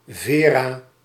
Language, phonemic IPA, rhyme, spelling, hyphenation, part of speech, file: Dutch, /ˈveː.raː/, -eːraː, Vera, Ve‧ra, proper noun, Nl-Vera.ogg
- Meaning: a female given name